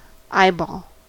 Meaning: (noun) 1. The ball of the eye 2. An instance of eyeballing something 3. Surveillance 4. A readership or viewership 5. A face-to-face meeting 6. A favourite or pet; the apple of someone's eye
- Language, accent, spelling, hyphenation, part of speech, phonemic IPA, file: English, US, eyeball, eye‧ball, noun / verb, /ˈaɪ.bɔl/, En-us-eyeball.ogg